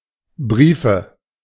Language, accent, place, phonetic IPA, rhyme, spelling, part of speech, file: German, Germany, Berlin, [ˈbʁiːfə], -iːfə, Briefe, noun, De-Briefe.ogg
- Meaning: nominative/accusative/genitive plural of Brief "letters"